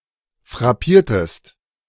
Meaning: inflection of frappieren: 1. second-person singular preterite 2. second-person singular subjunctive II
- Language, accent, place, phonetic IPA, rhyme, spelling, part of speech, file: German, Germany, Berlin, [fʁaˈpiːɐ̯təst], -iːɐ̯təst, frappiertest, verb, De-frappiertest.ogg